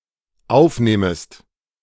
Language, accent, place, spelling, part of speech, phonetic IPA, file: German, Germany, Berlin, aufnehmest, verb, [ˈaʊ̯fˌneːməst], De-aufnehmest.ogg
- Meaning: second-person singular dependent subjunctive I of aufnehmen